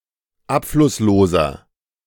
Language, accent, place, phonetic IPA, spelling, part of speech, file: German, Germany, Berlin, [ˈapflʊsˌloːzɐ], abflussloser, adjective, De-abflussloser.ogg
- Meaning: inflection of abflusslos: 1. strong/mixed nominative masculine singular 2. strong genitive/dative feminine singular 3. strong genitive plural